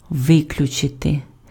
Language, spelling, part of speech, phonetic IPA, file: Ukrainian, виключити, verb, [ˈʋɪklʲʊt͡ʃete], Uk-виключити.ogg
- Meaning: 1. to exclude 2. to except 3. to expel 4. to eliminate, to rule out